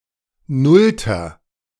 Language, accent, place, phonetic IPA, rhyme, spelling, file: German, Germany, Berlin, [ˈnʊltɐ], -ʊltɐ, nullter, De-nullter.ogg
- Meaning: inflection of nullte: 1. strong/mixed nominative masculine singular 2. strong genitive/dative feminine singular 3. strong genitive plural